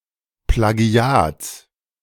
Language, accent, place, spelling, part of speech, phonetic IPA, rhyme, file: German, Germany, Berlin, Plagiats, noun, [plaˈɡi̯aːt͡s], -aːt͡s, De-Plagiats.ogg
- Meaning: genitive singular of Plagiat